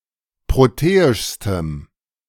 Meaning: strong dative masculine/neuter singular superlative degree of proteisch
- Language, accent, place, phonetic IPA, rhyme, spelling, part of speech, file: German, Germany, Berlin, [ˌpʁoˈteːɪʃstəm], -eːɪʃstəm, proteischstem, adjective, De-proteischstem.ogg